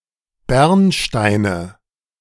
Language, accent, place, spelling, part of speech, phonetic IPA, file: German, Germany, Berlin, Bernsteine, noun, [ˈbɛʁnˌʃtaɪ̯nə], De-Bernsteine.ogg
- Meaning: nominative/accusative/genitive plural of Bernstein